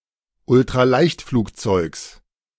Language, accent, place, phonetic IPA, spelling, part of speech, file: German, Germany, Berlin, [ʊltʁaˈlaɪ̯çtfluːkˌt͡sɔɪ̯ks], Ultraleichtflugzeugs, noun, De-Ultraleichtflugzeugs.ogg
- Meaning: genitive singular of Ultraleichtflugzeug